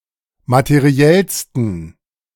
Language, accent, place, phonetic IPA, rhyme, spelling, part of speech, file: German, Germany, Berlin, [matəˈʁi̯ɛlstn̩], -ɛlstn̩, materiellsten, adjective, De-materiellsten.ogg
- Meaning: 1. superlative degree of materiell 2. inflection of materiell: strong genitive masculine/neuter singular superlative degree